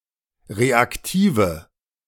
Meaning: inflection of reaktiv: 1. strong/mixed nominative/accusative feminine singular 2. strong nominative/accusative plural 3. weak nominative all-gender singular 4. weak accusative feminine/neuter singular
- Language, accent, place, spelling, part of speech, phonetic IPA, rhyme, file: German, Germany, Berlin, reaktive, adjective, [ˌʁeakˈtiːvə], -iːvə, De-reaktive.ogg